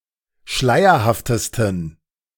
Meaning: 1. superlative degree of schleierhaft 2. inflection of schleierhaft: strong genitive masculine/neuter singular superlative degree
- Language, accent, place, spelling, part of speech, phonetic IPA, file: German, Germany, Berlin, schleierhaftesten, adjective, [ˈʃlaɪ̯ɐhaftəstn̩], De-schleierhaftesten.ogg